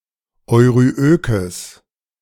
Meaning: strong/mixed nominative/accusative neuter singular of euryök
- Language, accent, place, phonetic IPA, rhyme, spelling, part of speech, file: German, Germany, Berlin, [ɔɪ̯ʁyˈʔøːkəs], -øːkəs, euryökes, adjective, De-euryökes.ogg